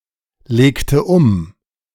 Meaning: inflection of umlegen: 1. first/third-person singular preterite 2. first/third-person singular subjunctive II
- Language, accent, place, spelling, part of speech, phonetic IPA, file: German, Germany, Berlin, legte um, verb, [ˌleːktə ˈʊm], De-legte um.ogg